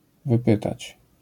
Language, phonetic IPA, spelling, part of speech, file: Polish, [vɨˈpɨtat͡ɕ], wypytać, verb, LL-Q809 (pol)-wypytać.wav